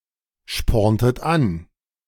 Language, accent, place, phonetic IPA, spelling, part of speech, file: German, Germany, Berlin, [ˌʃpɔʁntət ˈan], sporntet an, verb, De-sporntet an.ogg
- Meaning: inflection of anspornen: 1. second-person plural preterite 2. second-person plural subjunctive II